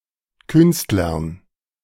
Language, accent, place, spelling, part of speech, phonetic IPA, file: German, Germany, Berlin, Künstlern, noun, [ˈkʏnstlɐn], De-Künstlern.ogg
- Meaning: dative masculine plural of Künstler